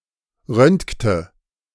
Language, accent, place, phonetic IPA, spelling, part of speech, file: German, Germany, Berlin, [ˈʁœntktə], röntgte, verb, De-röntgte.ogg
- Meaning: inflection of röntgen: 1. first/third-person singular preterite 2. first/third-person singular subjunctive II